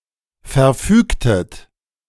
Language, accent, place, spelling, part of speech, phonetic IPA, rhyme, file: German, Germany, Berlin, verfügtet, verb, [fɛɐ̯ˈfyːktət], -yːktət, De-verfügtet.ogg
- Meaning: inflection of verfügen: 1. second-person plural preterite 2. second-person plural subjunctive II